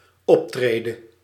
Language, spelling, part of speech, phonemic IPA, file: Dutch, optrede, verb, /ˈɔptredə/, Nl-optrede.ogg
- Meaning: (verb) singular dependent-clause present subjunctive of optreden; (noun) riser: a vertical part of a step on a staircase